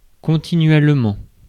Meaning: continuously
- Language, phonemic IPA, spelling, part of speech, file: French, /kɔ̃.ti.nɥɛl.mɑ̃/, continuellement, adverb, Fr-continuellement.ogg